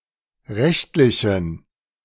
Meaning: inflection of rechtlich: 1. strong genitive masculine/neuter singular 2. weak/mixed genitive/dative all-gender singular 3. strong/weak/mixed accusative masculine singular 4. strong dative plural
- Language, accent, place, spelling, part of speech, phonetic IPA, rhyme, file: German, Germany, Berlin, rechtlichen, adjective, [ˈʁɛçtlɪçn̩], -ɛçtlɪçn̩, De-rechtlichen.ogg